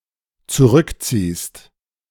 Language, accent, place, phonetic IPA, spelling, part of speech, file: German, Germany, Berlin, [t͡suˈʁʏkˌt͡siːst], zurückziehst, verb, De-zurückziehst.ogg
- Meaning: second-person singular dependent present of zurückziehen